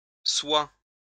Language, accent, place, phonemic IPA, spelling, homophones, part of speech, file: French, France, Lyon, /swa/, sois, soi / soie / soient / soies / soit, verb, LL-Q150 (fra)-sois.wav
- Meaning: 1. inflection of être 2. inflection of être: first/second-person singular present subjunctive 3. inflection of être: second-person singular imperative